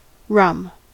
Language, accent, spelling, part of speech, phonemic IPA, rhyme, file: English, US, rum, noun / adjective, /ɹʌm/, -ʌm, En-us-rum.ogg
- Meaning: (noun) A spirit distilled from various preparations of sugarcane, particularly fermented cane sugar and molasses